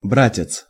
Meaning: brother, bro, old fellow, dear friend (friendly or condescendingly, also as a form of address)
- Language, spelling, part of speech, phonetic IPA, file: Russian, братец, noun, [ˈbratʲɪt͡s], Ru-братец.ogg